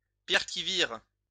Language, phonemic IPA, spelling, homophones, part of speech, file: French, /viʁ/, vire, virent / vires, noun / verb, LL-Q150 (fra)-vire.wav
- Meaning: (noun) a small ledge on the side of a mountain; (verb) inflection of virer: 1. first/third-person singular present indicative/subjunctive 2. second-person singular imperative